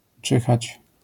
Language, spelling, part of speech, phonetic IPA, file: Polish, czyhać, verb, [ˈt͡ʃɨxat͡ɕ], LL-Q809 (pol)-czyhać.wav